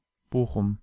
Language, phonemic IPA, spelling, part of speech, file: German, /ˈboːxʊm/, Bochum, proper noun, De-Bochum.ogg
- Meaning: Bochum (an independent city in Ruhrgebiet, North Rhine-Westphalia, Germany)